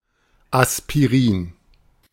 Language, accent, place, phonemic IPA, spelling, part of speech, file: German, Germany, Berlin, /aspiˈʁiːn/, Aspirin, noun, De-Aspirin.ogg
- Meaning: aspirin